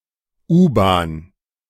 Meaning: underground railway; subway
- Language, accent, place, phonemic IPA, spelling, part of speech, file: German, Germany, Berlin, /ˈʔuːbaːn/, U-Bahn, noun, De-U-Bahn.ogg